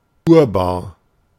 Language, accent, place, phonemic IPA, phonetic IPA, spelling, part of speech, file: German, Germany, Berlin, /ˈuːrbaːr/, [ˈʔu(ː)ɐ̯.baː(ɐ̯)], urbar, adjective, De-urbar.ogg
- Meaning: cultivable, arable, prepared for agricultural (or rarely silvicultural) use